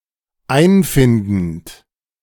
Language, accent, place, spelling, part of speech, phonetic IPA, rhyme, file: German, Germany, Berlin, einfindend, verb, [ˈaɪ̯nˌfɪndn̩t], -aɪ̯nfɪndn̩t, De-einfindend.ogg
- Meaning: present participle of einfinden